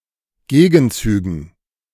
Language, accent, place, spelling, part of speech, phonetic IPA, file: German, Germany, Berlin, Gegenzügen, noun, [ˈɡeːɡn̩ˌt͡syːɡn̩], De-Gegenzügen.ogg
- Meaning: dative plural of Gegenzug